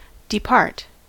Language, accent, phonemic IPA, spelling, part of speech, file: English, US, /dɪˈpɑɹt/, depart, verb / noun, En-us-depart.ogg
- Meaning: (verb) 1. To leave 2. To set out on a journey 3. To die 4. To disappear, vanish; to cease to exist 5. To deviate (from), be different (from), fail to conform 6. To go away from; to leave